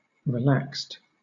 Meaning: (adjective) 1. Made slack or feeble; weak, soft 2. Made more lenient; less strict; lax 3. Free from tension or anxiety; at ease; leisurely 4. Without physical tension; in a state of equilibrium
- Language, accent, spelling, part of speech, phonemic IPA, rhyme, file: English, Southern England, relaxed, adjective / verb, /ɹɪˈlækst/, -ækst, LL-Q1860 (eng)-relaxed.wav